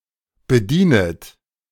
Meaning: second-person plural subjunctive I of bedienen
- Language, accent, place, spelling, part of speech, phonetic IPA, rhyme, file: German, Germany, Berlin, bedienet, verb, [bəˈdiːnət], -iːnət, De-bedienet.ogg